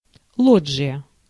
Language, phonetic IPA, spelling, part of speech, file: Russian, [ˈɫod͡ʐʐɨjə], лоджия, noun, Ru-лоджия.ogg
- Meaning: 1. recessed balcony 2. loggia